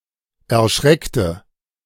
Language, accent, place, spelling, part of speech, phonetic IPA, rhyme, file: German, Germany, Berlin, erschreckte, adjective / verb, [ɛɐ̯ˈʃʁɛktə], -ɛktə, De-erschreckte.ogg
- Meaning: inflection of erschrecken: 1. first/third-person singular preterite 2. first/third-person singular subjunctive II